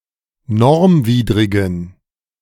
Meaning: inflection of normwidrig: 1. strong genitive masculine/neuter singular 2. weak/mixed genitive/dative all-gender singular 3. strong/weak/mixed accusative masculine singular 4. strong dative plural
- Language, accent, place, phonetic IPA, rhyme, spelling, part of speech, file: German, Germany, Berlin, [ˈnɔʁmˌviːdʁɪɡn̩], -ɔʁmviːdʁɪɡn̩, normwidrigen, adjective, De-normwidrigen.ogg